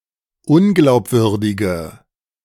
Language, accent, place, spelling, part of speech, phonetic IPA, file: German, Germany, Berlin, unglaubwürdige, adjective, [ˈʊnɡlaʊ̯pˌvʏʁdɪɡə], De-unglaubwürdige.ogg
- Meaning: inflection of unglaubwürdig: 1. strong/mixed nominative/accusative feminine singular 2. strong nominative/accusative plural 3. weak nominative all-gender singular